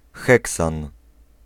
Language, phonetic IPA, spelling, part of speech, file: Polish, [ˈxɛksãn], heksan, noun, Pl-heksan.ogg